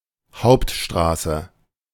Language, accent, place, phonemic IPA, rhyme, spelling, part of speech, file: German, Germany, Berlin, /ˈhaʊ̯ptˌʃtʁaːsə/, -aːsə, Hauptstraße, noun, De-Hauptstraße.ogg
- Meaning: 1. main street, high street (principal street of a town or village) 2. any major street, artery, boulevard 3. synonym of Vorfahrtsstraße